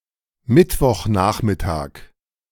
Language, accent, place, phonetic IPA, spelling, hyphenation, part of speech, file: German, Germany, Berlin, [ˈmɪtvɔχˌnaːχmɪtaːk], Mittwochnachmittag, Mitt‧woch‧nach‧mit‧tag, noun, De-Mittwochnachmittag.ogg
- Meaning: Wednesday afternoon